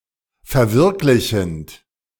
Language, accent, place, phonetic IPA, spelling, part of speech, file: German, Germany, Berlin, [fɛɐ̯ˈvɪʁklɪçn̩t], verwirklichend, verb, De-verwirklichend.ogg
- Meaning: present participle of verwirklichen